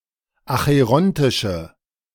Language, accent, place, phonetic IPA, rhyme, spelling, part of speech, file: German, Germany, Berlin, [axəˈʁɔntɪʃə], -ɔntɪʃə, acherontische, adjective, De-acherontische.ogg
- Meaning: inflection of acherontisch: 1. strong/mixed nominative/accusative feminine singular 2. strong nominative/accusative plural 3. weak nominative all-gender singular